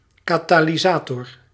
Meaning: catalyst
- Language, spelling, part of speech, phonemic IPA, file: Dutch, katalysator, noun, /kɑˌtaː.liˈzaː.tɔr/, Nl-katalysator.ogg